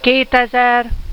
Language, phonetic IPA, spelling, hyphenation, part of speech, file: Hungarian, [ˈkeːtɛzɛr], kétezer, két‧e‧zer, numeral, Hu-kétezer.ogg
- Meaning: two thousand